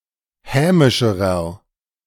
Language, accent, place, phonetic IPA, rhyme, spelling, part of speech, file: German, Germany, Berlin, [ˈhɛːmɪʃəʁɐ], -ɛːmɪʃəʁɐ, hämischerer, adjective, De-hämischerer.ogg
- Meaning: inflection of hämisch: 1. strong/mixed nominative masculine singular comparative degree 2. strong genitive/dative feminine singular comparative degree 3. strong genitive plural comparative degree